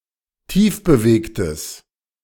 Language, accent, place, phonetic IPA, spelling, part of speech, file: German, Germany, Berlin, [ˈtiːfbəˌveːktəs], tiefbewegtes, adjective, De-tiefbewegtes.ogg
- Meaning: strong/mixed nominative/accusative neuter singular of tiefbewegt